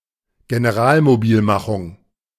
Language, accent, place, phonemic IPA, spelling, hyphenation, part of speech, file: German, Germany, Berlin, /ɡenəˈʁaːlmoˌbiːlmaxʊŋ/, Generalmobilmachung, Ge‧ne‧ral‧mo‧bil‧ma‧chung, noun, De-Generalmobilmachung.ogg
- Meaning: full mobilization